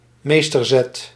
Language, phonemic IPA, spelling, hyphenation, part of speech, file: Dutch, /ˈmeːs.tərˌzɛt/, meesterzet, mees‧ter‧zet, noun, Nl-meesterzet.ogg
- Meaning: 1. a brilliant move 2. a masterstroke